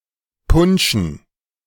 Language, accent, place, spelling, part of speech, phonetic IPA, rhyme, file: German, Germany, Berlin, Punschen, noun, [ˈpʊnʃn̩], -ʊnʃn̩, De-Punschen.ogg
- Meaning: dative plural of Punsch